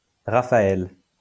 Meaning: 1. Raphael (biblical character) 2. a male given name
- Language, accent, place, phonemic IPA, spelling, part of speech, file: French, France, Lyon, /ʁa.fa.ɛl/, Raphaël, proper noun, LL-Q150 (fra)-Raphaël.wav